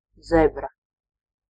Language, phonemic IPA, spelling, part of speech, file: Latvian, /ˈzɛbra/, zebra, noun, Lv-zebra.ogg
- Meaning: zebra (esp. Equus zebra)